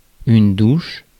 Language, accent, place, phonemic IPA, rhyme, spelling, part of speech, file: French, France, Paris, /duʃ/, -uʃ, douche, noun / verb, Fr-douche.ogg
- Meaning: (noun) shower; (verb) inflection of doucher: 1. first/third-person singular present indicative/subjunctive 2. second-person singular imperative